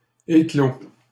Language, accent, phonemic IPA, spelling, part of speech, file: French, Canada, /e.klo/, éclos, verb, LL-Q150 (fra)-éclos.wav
- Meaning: 1. past participle of éclore 2. first/second-person singular indicative present of éclore 3. second-person singular imperative present of éclore